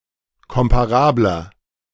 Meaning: 1. comparative degree of komparabel 2. inflection of komparabel: strong/mixed nominative masculine singular 3. inflection of komparabel: strong genitive/dative feminine singular
- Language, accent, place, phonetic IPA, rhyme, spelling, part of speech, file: German, Germany, Berlin, [ˌkɔmpaˈʁaːblɐ], -aːblɐ, komparabler, adjective, De-komparabler.ogg